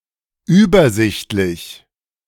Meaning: 1. easily looked over and understood; clear; overseeable 2. well arranged, clearly arranged 3. small, meager, sparse
- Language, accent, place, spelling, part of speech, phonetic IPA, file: German, Germany, Berlin, übersichtlich, adjective, [ˈyːbɐˌzɪçtlɪç], De-übersichtlich.ogg